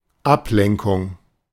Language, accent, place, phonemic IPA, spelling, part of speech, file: German, Germany, Berlin, /ˈapˌlɛŋkʊŋ/, Ablenkung, noun, De-Ablenkung.ogg
- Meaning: 1. diversion 2. distraction